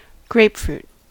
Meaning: 1. The tree of the species Citrus paradisi, a hybrid of Citrus maxima and sweet orange 2. The large spherical tart fruit produced by this tree
- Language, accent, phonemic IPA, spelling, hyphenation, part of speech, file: English, General American, /ˈɡɹeɪ̯pfɹut/, grapefruit, grape‧fruit, noun, En-us-grapefruit.ogg